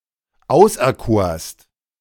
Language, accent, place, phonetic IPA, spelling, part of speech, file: German, Germany, Berlin, [ˈaʊ̯sʔɛɐ̯ˌkoːɐ̯st], auserkorst, verb, De-auserkorst.ogg
- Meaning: second-person singular preterite of auserkiesen